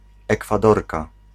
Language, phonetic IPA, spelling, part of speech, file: Polish, [ˌɛkfaˈdɔrka], Ekwadorka, noun, Pl-Ekwadorka.ogg